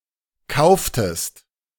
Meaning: inflection of kaufen: 1. second-person singular preterite 2. second-person singular subjunctive II
- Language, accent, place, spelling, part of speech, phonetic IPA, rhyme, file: German, Germany, Berlin, kauftest, verb, [ˈkaʊ̯ftəst], -aʊ̯ftəst, De-kauftest.ogg